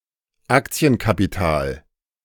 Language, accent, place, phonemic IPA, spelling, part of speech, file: German, Germany, Berlin, /ˈaktsi̯ənkapiˌtaːl/, Aktienkapital, noun, De-Aktienkapital.ogg
- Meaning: equity